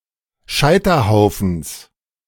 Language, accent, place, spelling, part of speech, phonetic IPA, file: German, Germany, Berlin, Scheiterhaufens, noun, [ˈʃaɪ̯tɐˌhaʊ̯fn̩s], De-Scheiterhaufens.ogg
- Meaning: genitive singular of Scheiterhaufen